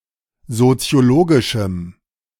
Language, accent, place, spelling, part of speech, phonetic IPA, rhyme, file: German, Germany, Berlin, soziologischem, adjective, [zot͡si̯oˈloːɡɪʃm̩], -oːɡɪʃm̩, De-soziologischem.ogg
- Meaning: strong dative masculine/neuter singular of soziologisch